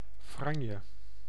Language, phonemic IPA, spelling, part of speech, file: Dutch, /ˈfrɑɲə/, franje, noun, Nl-franje.ogg
- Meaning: fringe, frill